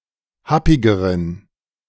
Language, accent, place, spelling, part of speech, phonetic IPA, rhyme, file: German, Germany, Berlin, happigeren, adjective, [ˈhapɪɡəʁən], -apɪɡəʁən, De-happigeren.ogg
- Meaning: inflection of happig: 1. strong genitive masculine/neuter singular comparative degree 2. weak/mixed genitive/dative all-gender singular comparative degree